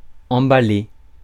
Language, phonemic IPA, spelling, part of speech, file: French, /ɑ̃.ba.le/, emballer, verb, Fr-emballer.ogg
- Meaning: 1. to pack up; to wrap up; to parcel 2. to thrill, to turn on 3. to race 4. to bolt 5. to get carried away 6. to get ahead of oneself, to get one's hopes up 7. to make out with someone